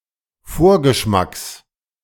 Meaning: genitive singular of Vorgeschmack
- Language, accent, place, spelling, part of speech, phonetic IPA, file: German, Germany, Berlin, Vorgeschmacks, noun, [ˈfoːɐ̯ɡəˌʃmaks], De-Vorgeschmacks.ogg